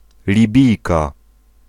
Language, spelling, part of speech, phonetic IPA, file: Polish, Libijka, noun, [lʲiˈbʲijka], Pl-Libijka.ogg